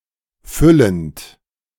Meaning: present participle of füllen
- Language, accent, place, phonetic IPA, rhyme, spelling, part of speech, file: German, Germany, Berlin, [ˈfʏlənt], -ʏlənt, füllend, verb, De-füllend.ogg